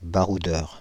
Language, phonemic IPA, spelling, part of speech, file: French, /ba.ʁu.dœʁ/, baroudeur, noun, Fr-baroudeur.ogg
- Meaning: 1. fighter 2. adventurer, globetrotter